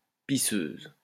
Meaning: 1. female equivalent of pisseur 2. young girl
- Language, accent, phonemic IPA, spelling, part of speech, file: French, France, /pi.søz/, pisseuse, noun, LL-Q150 (fra)-pisseuse.wav